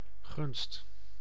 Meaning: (noun) favour; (interjection) good grief, gosh
- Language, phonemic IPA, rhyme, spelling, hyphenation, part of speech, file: Dutch, /ɣʏnst/, -ʏnst, gunst, gunst, noun / interjection, Nl-gunst.ogg